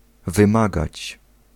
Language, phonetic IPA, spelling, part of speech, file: Polish, [vɨ̃ˈmaɡat͡ɕ], wymagać, verb, Pl-wymagać.ogg